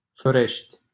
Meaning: 1. a city and district of Moldova 2. a locality in Câmpeni, Alba County, Romania 3. a village in Bucium, Alba County, Romania 4. a village in Râmeț, Alba County, Romania
- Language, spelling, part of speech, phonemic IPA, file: Romanian, Florești, proper noun, /floˈreʃtʲ/, LL-Q7913 (ron)-Florești.wav